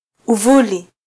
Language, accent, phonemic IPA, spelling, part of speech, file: Swahili, Kenya, /uˈvu.li/, uvuli, noun, Sw-ke-uvuli.flac
- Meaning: shade